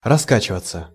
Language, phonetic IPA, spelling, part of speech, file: Russian, [rɐˈskat͡ɕɪvət͡sə], раскачиваться, verb, Ru-раскачиваться.ogg
- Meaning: 1. to swing, to rock 2. to rock oneself to and fro, to sway 3. to become rickety/shaky/unsteady 4. to be sluggish, to mark time, to barely drag one's feet 5. to bestir/move oneself, to start moving